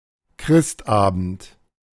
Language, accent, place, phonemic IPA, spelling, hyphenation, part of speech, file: German, Germany, Berlin, /ˈkʁɪstˌʔaːbənt/, Christabend, Christ‧abend, noun, De-Christabend.ogg
- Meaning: Christmas Eve